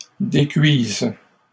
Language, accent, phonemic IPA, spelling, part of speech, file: French, Canada, /de.kɥiz/, décuisent, verb, LL-Q150 (fra)-décuisent.wav
- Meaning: third-person plural present indicative/subjunctive of décuire